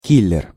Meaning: contract killer, hitman, paid assassin
- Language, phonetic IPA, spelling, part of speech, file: Russian, [ˈkʲilʲɪr], киллер, noun, Ru-киллер.ogg